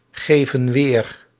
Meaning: inflection of weergeven: 1. plural present indicative 2. plural present subjunctive
- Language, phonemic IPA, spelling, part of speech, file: Dutch, /ˈɣevə(n) ˈwer/, geven weer, verb, Nl-geven weer.ogg